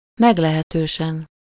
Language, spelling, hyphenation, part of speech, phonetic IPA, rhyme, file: Hungarian, meglehetősen, meg‧le‧he‧tő‧sen, adverb, [ˈmɛɡlɛhɛtøːʃɛn], -ɛn, Hu-meglehetősen.ogg
- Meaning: quite, rather, fairly, considerably